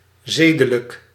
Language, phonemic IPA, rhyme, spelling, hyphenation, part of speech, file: Dutch, /ˈzeː.də.lək/, -eːdələk, zedelijk, ze‧de‧lijk, adjective, Nl-zedelijk.ogg
- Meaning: moral